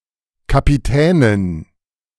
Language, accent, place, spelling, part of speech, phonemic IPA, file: German, Germany, Berlin, Kapitänin, noun, /kapiˈtɛːnɪn/, De-Kapitänin.ogg
- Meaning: female captain